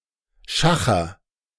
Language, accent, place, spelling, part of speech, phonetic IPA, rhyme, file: German, Germany, Berlin, schacher, verb, [ˈʃaxɐ], -axɐ, De-schacher.ogg
- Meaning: inflection of schachern: 1. first-person singular present 2. singular imperative